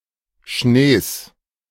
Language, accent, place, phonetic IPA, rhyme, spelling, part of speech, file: German, Germany, Berlin, [ʃneːs], -eːs, Schnees, noun, De-Schnees.ogg
- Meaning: genitive singular of Schnee